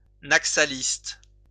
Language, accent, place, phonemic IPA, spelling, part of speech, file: French, France, Lyon, /nak.sa.list/, naxaliste, adjective / noun, LL-Q150 (fra)-naxaliste.wav
- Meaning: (adjective) Naxalist